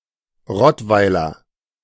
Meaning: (noun) 1. native or inhabitant of Rottweil 2. Rottweiler (dog breed); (adjective) of, from or relating to Rottweil
- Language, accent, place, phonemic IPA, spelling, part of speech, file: German, Germany, Berlin, /ˈʁɔtvaɪ̯lɐ/, Rottweiler, noun / adjective, De-Rottweiler.ogg